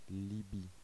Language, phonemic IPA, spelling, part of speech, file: French, /li.bi/, Libye, proper noun, Fr-Libye.oga
- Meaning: Libya (a country in North Africa)